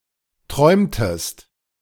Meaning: inflection of träumen: 1. second-person singular preterite 2. second-person singular subjunctive II
- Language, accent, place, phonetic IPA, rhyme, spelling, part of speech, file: German, Germany, Berlin, [ˈtʁɔɪ̯mtəst], -ɔɪ̯mtəst, träumtest, verb, De-träumtest.ogg